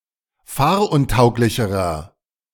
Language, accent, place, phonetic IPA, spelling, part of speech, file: German, Germany, Berlin, [ˈfaːɐ̯ʔʊnˌtaʊ̯klɪçəʁɐ], fahruntauglicherer, adjective, De-fahruntauglicherer.ogg
- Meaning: inflection of fahruntauglich: 1. strong/mixed nominative masculine singular comparative degree 2. strong genitive/dative feminine singular comparative degree